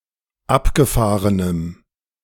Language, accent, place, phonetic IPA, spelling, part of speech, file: German, Germany, Berlin, [ˈapɡəˌfaːʁənəm], abgefahrenem, adjective, De-abgefahrenem.ogg
- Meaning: strong dative masculine/neuter singular of abgefahren